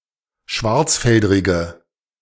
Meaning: inflection of schwarzfeldrig: 1. strong/mixed nominative/accusative feminine singular 2. strong nominative/accusative plural 3. weak nominative all-gender singular
- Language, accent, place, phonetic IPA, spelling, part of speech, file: German, Germany, Berlin, [ˈʃvaʁt͡sˌfɛldʁɪɡə], schwarzfeldrige, adjective, De-schwarzfeldrige.ogg